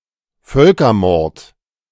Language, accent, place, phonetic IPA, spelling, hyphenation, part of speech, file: German, Germany, Berlin, [ˈfœlkɐˌmɔʁt], Völkermord, Völ‧ker‧mord, noun, De-Völkermord.ogg
- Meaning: genocide